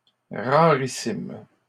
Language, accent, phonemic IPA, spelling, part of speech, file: French, Canada, /ʁa.ʁi.sim/, rarissime, adjective, LL-Q150 (fra)-rarissime.wav
- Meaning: extremely rare